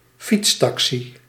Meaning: velotaxi, pedicab
- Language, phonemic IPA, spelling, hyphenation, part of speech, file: Dutch, /ˈfitsˌtɑksi/, fietstaxi, fiets‧ta‧xi, noun, Nl-fietstaxi.ogg